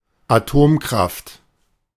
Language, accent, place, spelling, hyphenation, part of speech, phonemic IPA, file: German, Germany, Berlin, Atomkraft, Atom‧kraft, noun, /aˈtoːmkʁaft/, De-Atomkraft.ogg
- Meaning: nuclear power (power from nuclear reactions)